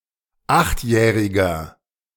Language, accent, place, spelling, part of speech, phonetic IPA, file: German, Germany, Berlin, achtjähriger, adjective, [ˈaxtˌjɛːʁɪɡɐ], De-achtjähriger.ogg
- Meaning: inflection of achtjährig: 1. strong/mixed nominative masculine singular 2. strong genitive/dative feminine singular 3. strong genitive plural